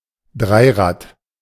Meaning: tricycle, trike
- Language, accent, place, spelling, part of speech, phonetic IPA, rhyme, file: German, Germany, Berlin, Dreirad, noun, [ˈdʁaɪ̯ˌʁaːt], -aɪ̯ʁaːt, De-Dreirad.ogg